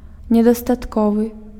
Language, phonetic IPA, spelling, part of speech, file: Belarusian, [nʲedastatˈkovɨ], недастатковы, adjective, Be-недастатковы.ogg
- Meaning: insufficient